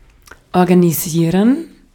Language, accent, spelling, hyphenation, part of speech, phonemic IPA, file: German, Austria, organisieren, or‧ga‧ni‧sie‧ren, verb, /ɔʁɡaniˈziːʁən/, De-at-organisieren.ogg
- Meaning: to organize